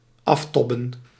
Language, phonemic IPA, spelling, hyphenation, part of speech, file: Dutch, /ˈɑfˌtɔ.bə(n)/, aftobben, af‧tob‧ben, verb, Nl-aftobben.ogg
- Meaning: 1. to wear oneself out by worrying 2. to exhaust oneself with work